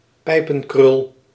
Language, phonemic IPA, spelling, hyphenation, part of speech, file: Dutch, /ˈpɛi̯.pə(n)ˌkrʏl/, pijpenkrul, pij‧pen‧krul, noun, Nl-pijpenkrul.ogg
- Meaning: ringlet, corkscrew curl